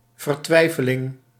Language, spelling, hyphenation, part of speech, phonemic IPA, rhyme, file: Dutch, vertwijfeling, ver‧twij‧fe‧ling, noun, /vərˈtʋɛi̯.fəˌlɪŋ/, -ɛi̯fəlɪŋ, Nl-vertwijfeling.ogg
- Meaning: 1. desperation 2. doubt